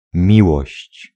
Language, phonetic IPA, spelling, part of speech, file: Polish, [ˈmʲiwɔɕt͡ɕ], miłość, noun, Pl-miłość.ogg